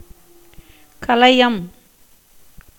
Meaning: pot (made of clay or metal)
- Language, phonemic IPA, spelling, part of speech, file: Tamil, /kɐlɐjɐm/, கலயம், noun, Ta-கலயம்.ogg